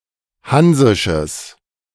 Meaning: strong/mixed nominative/accusative neuter singular of hansisch
- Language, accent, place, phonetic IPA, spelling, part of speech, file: German, Germany, Berlin, [ˈhanzɪʃəs], hansisches, adjective, De-hansisches.ogg